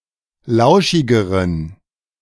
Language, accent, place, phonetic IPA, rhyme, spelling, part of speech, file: German, Germany, Berlin, [ˈlaʊ̯ʃɪɡəʁən], -aʊ̯ʃɪɡəʁən, lauschigeren, adjective, De-lauschigeren.ogg
- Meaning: inflection of lauschig: 1. strong genitive masculine/neuter singular comparative degree 2. weak/mixed genitive/dative all-gender singular comparative degree